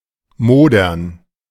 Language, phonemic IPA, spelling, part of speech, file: German, /ˈmoːdɐn/, modern, verb, De-modern2.ogg
- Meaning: to rot, to molder